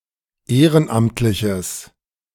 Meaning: strong/mixed nominative/accusative neuter singular of ehrenamtlich
- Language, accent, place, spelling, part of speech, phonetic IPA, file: German, Germany, Berlin, ehrenamtliches, adjective, [ˈeːʁənˌʔamtlɪçəs], De-ehrenamtliches.ogg